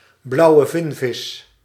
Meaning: blue whale (Balaenoptera musculus)
- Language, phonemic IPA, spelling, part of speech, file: Dutch, /ˌblɑu̯ə ˈvɪnvɪs/, blauwe vinvis, noun, Nl-blauwe vinvis.ogg